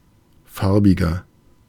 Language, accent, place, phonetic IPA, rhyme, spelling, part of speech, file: German, Germany, Berlin, [ˈfaʁbɪɡɐ], -aʁbɪɡɐ, farbiger, adjective, De-farbiger.ogg
- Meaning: 1. comparative degree of farbig 2. inflection of farbig: strong/mixed nominative masculine singular 3. inflection of farbig: strong genitive/dative feminine singular